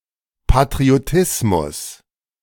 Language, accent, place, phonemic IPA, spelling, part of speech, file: German, Germany, Berlin, /patʁioˈtɪsmʊs/, Patriotismus, noun, De-Patriotismus.ogg
- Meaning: patriotism